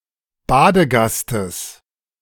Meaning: genitive of Badegast
- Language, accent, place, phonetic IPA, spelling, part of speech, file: German, Germany, Berlin, [ˈbaːdəˌɡastəs], Badegastes, noun, De-Badegastes.ogg